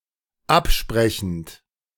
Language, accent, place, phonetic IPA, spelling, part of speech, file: German, Germany, Berlin, [ˈapˌʃpʁɛçn̩t], absprechend, verb, De-absprechend.ogg
- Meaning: present participle of absprechen